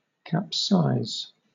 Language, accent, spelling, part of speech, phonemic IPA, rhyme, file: English, Southern England, capsize, verb / noun, /kæpˈsaɪz/, -aɪz, LL-Q1860 (eng)-capsize.wav
- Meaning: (verb) 1. To overturn 2. To cause (a ship) to overturn 3. To deform under stress; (noun) The act of, or occurrence of capsizing or overturning